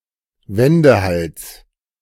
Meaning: 1. The Eurasian wryneck (Jynx torquilla) 2. An opportunist, a person with no principles
- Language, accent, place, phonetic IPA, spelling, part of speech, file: German, Germany, Berlin, [ˈvɛndəˌhals], Wendehals, noun, De-Wendehals.ogg